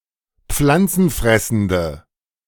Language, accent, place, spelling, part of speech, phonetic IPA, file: German, Germany, Berlin, pflanzenfressende, adjective, [ˈp͡flant͡sn̩ˌfʁɛsn̩də], De-pflanzenfressende.ogg
- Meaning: inflection of pflanzenfressend: 1. strong/mixed nominative/accusative feminine singular 2. strong nominative/accusative plural 3. weak nominative all-gender singular